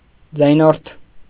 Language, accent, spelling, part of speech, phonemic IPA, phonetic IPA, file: Armenian, Eastern Armenian, ձայնորդ, noun, /d͡zɑjˈnoɾtʰ/, [d͡zɑjnóɾtʰ], Hy-ձայնորդ.ogg
- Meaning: sonorant